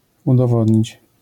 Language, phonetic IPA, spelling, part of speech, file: Polish, [ˌudɔˈvɔdʲɲit͡ɕ], udowodnić, verb, LL-Q809 (pol)-udowodnić.wav